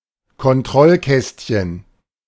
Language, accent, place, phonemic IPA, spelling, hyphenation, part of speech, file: German, Germany, Berlin, /kɔnˈtʁɔlˌkɛstçən/, Kontrollkästchen, Kon‧t‧roll‧käst‧chen, noun, De-Kontrollkästchen.ogg
- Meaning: checkbox